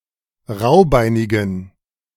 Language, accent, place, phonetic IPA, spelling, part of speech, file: German, Germany, Berlin, [ˈʁaʊ̯ˌbaɪ̯nɪɡn̩], raubeinigen, adjective, De-raubeinigen.ogg
- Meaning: inflection of raubeinig: 1. strong genitive masculine/neuter singular 2. weak/mixed genitive/dative all-gender singular 3. strong/weak/mixed accusative masculine singular 4. strong dative plural